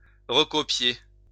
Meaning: 1. to copy (again) 2. to transcribe
- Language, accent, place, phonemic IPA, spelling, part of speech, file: French, France, Lyon, /ʁə.kɔ.pje/, recopier, verb, LL-Q150 (fra)-recopier.wav